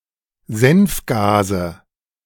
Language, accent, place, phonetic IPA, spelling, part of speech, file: German, Germany, Berlin, [ˈzɛnfˌɡaːzə], Senfgase, noun, De-Senfgase.ogg
- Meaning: nominative/accusative/genitive plural of Senfgas